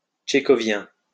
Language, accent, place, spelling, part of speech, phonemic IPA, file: French, France, Lyon, tchékhovien, adjective, /tʃe.kɔ.vjɛ̃/, LL-Q150 (fra)-tchékhovien.wav
- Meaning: Chekhovian